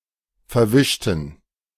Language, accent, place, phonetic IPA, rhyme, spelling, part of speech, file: German, Germany, Berlin, [fɛɐ̯ˈvɪʃtn̩], -ɪʃtn̩, verwischten, adjective / verb, De-verwischten.ogg
- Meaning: inflection of verwischen: 1. first/third-person plural preterite 2. first/third-person plural subjunctive II